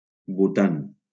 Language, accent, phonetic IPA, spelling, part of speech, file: Catalan, Valencia, [buˈtan], Bhutan, proper noun, LL-Q7026 (cat)-Bhutan.wav
- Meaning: Bhutan (a country in South Asia, in the Himalayas)